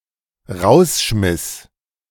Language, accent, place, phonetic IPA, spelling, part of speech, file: German, Germany, Berlin, [ˈʁaʊ̯sˌʃmɪs], rausschmiss, verb, De-rausschmiss.ogg
- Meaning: first/third-person singular dependent preterite of rausschmeißen